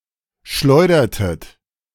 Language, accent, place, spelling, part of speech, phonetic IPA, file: German, Germany, Berlin, schleudertet, verb, [ˈʃlɔɪ̯dɐtət], De-schleudertet.ogg
- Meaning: inflection of schleudern: 1. second-person plural preterite 2. second-person plural subjunctive II